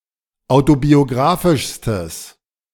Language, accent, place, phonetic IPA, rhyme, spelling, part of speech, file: German, Germany, Berlin, [ˌaʊ̯tobioˈɡʁaːfɪʃstəs], -aːfɪʃstəs, autobiographischstes, adjective, De-autobiographischstes.ogg
- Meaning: strong/mixed nominative/accusative neuter singular superlative degree of autobiographisch